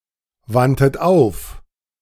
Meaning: 1. first-person plural preterite of aufwenden 2. third-person plural preterite of aufwenden# second-person plural preterite of aufwenden
- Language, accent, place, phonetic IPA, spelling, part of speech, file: German, Germany, Berlin, [ˌvantət ˈaʊ̯f], wandtet auf, verb, De-wandtet auf.ogg